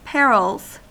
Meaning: plural of peril
- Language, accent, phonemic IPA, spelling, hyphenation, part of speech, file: English, US, /ˈpɛɹɪlz/, perils, per‧ils, noun, En-us-perils.ogg